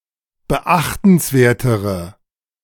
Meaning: inflection of beachtenswert: 1. strong/mixed nominative/accusative feminine singular comparative degree 2. strong nominative/accusative plural comparative degree
- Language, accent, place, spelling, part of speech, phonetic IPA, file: German, Germany, Berlin, beachtenswertere, adjective, [bəˈʔaxtn̩sˌveːɐ̯təʁə], De-beachtenswertere.ogg